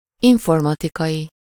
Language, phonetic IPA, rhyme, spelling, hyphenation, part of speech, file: Hungarian, [ˈiɱformɒtikɒji], -ji, informatikai, in‧for‧ma‧ti‧kai, adjective, Hu-informatikai.ogg
- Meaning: of or relating to informatics and computer science